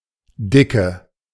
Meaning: 1. thickness 2. fat woman
- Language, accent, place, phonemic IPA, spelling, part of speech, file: German, Germany, Berlin, /ˈdɪkə/, Dicke, noun, De-Dicke.ogg